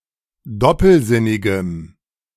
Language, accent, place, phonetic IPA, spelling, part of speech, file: German, Germany, Berlin, [ˈdɔpl̩ˌzɪnɪɡəm], doppelsinnigem, adjective, De-doppelsinnigem.ogg
- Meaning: strong dative masculine/neuter singular of doppelsinnig